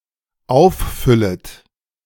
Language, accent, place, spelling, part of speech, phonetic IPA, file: German, Germany, Berlin, auffüllet, verb, [ˈaʊ̯fˌfʏlət], De-auffüllet.ogg
- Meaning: second-person plural dependent subjunctive I of auffüllen